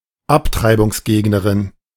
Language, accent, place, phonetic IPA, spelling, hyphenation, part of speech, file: German, Germany, Berlin, [ˈaptʁaɪ̯bʊŋsˌɡeːɡnəʁɪn], Abtreibungsgegnerin, Ab‧trei‧bungs‧geg‧ne‧rin, noun, De-Abtreibungsgegnerin.ogg
- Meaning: pro-lifer, pro-life advocate, pro-life supporter (female)